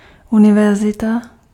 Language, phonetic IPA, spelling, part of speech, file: Czech, [ˈunɪvɛrzɪta], univerzita, noun, Cs-univerzita.ogg
- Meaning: university